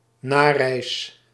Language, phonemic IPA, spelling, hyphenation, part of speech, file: Dutch, /ˈnaː.rɛi̯s/, nareis, na‧reis, noun, Nl-nareis.ogg
- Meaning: close family members of successful asylum seekers who may rejoin them without needing to seek asylum themselves